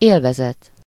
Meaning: enjoyment
- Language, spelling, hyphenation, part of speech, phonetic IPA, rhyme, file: Hungarian, élvezet, él‧ve‧zet, noun, [ˈeːlvɛzɛt], -ɛt, Hu-élvezet.ogg